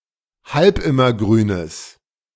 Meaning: strong/mixed nominative/accusative neuter singular of halbimmergrün
- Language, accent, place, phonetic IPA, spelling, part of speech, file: German, Germany, Berlin, [ˈhalpˌɪmɐˌɡʁyːnəs], halbimmergrünes, adjective, De-halbimmergrünes.ogg